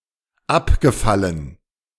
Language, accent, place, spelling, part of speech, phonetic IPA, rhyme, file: German, Germany, Berlin, abgefallen, adjective / verb, [ˈapɡəˌfalən], -apɡəfalən, De-abgefallen.ogg
- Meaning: past participle of abfallen